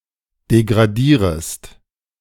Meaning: second-person singular subjunctive I of degradieren
- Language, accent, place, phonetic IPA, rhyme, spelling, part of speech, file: German, Germany, Berlin, [deɡʁaˈdiːʁəst], -iːʁəst, degradierest, verb, De-degradierest.ogg